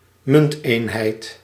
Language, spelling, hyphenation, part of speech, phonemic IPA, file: Dutch, munteenheid, munt‧een‧heid, noun, /ˈmʏntenhɛit/, Nl-munteenheid.ogg
- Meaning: monetary unit, unit of currency